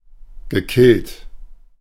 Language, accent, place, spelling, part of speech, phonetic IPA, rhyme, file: German, Germany, Berlin, gekillt, verb, [ɡəˈkɪlt], -ɪlt, De-gekillt.ogg
- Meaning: past participle of killen